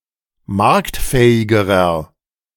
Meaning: inflection of marktfähig: 1. strong/mixed nominative masculine singular comparative degree 2. strong genitive/dative feminine singular comparative degree 3. strong genitive plural comparative degree
- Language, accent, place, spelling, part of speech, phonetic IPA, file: German, Germany, Berlin, marktfähigerer, adjective, [ˈmaʁktˌfɛːɪɡəʁɐ], De-marktfähigerer.ogg